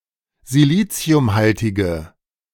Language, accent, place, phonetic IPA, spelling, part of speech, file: German, Germany, Berlin, [ziˈliːt͡si̯ʊmˌhaltɪɡə], siliciumhaltige, adjective, De-siliciumhaltige.ogg
- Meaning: inflection of siliciumhaltig: 1. strong/mixed nominative/accusative feminine singular 2. strong nominative/accusative plural 3. weak nominative all-gender singular